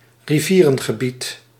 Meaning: river area (area or ecosystem defined or influenced by a river)
- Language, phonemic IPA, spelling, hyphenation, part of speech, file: Dutch, /riˈviː.rə(n).ɣəˌbit/, rivierengebied, ri‧vie‧ren‧ge‧bied, noun, Nl-rivierengebied.ogg